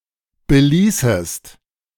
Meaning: second-person singular subjunctive II of belassen
- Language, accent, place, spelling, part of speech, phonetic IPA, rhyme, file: German, Germany, Berlin, beließest, verb, [bəˈliːsəst], -iːsəst, De-beließest.ogg